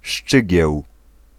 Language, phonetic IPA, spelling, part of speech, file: Polish, [ˈʃt͡ʃɨɟɛw], szczygieł, noun, Pl-szczygieł.ogg